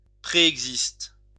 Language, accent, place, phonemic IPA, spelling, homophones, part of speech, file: French, France, Lyon, /pʁe.ɛɡ.zist/, préexiste, préexistent / préexistes, verb, LL-Q150 (fra)-préexiste.wav
- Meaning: inflection of préexister: 1. first/third-person singular present indicative/subjunctive 2. second-person singular imperative